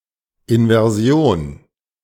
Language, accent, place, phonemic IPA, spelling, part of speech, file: German, Germany, Berlin, /in.vɛrˈzjon/, Inversion, noun, De-Inversion.ogg
- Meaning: inversion